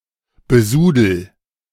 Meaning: inflection of besudeln: 1. first-person singular present 2. singular imperative
- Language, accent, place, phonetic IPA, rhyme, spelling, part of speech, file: German, Germany, Berlin, [bəˈzuːdl̩], -uːdl̩, besudel, verb, De-besudel.ogg